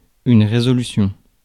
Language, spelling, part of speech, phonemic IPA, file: French, résolution, noun, /ʁe.zɔ.ly.sjɔ̃/, Fr-résolution.ogg
- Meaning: resolution